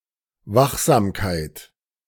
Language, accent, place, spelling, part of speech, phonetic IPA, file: German, Germany, Berlin, Wachsamkeit, noun, [ˈvaxzaːmkaɪ̯t], De-Wachsamkeit.ogg
- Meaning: vigilance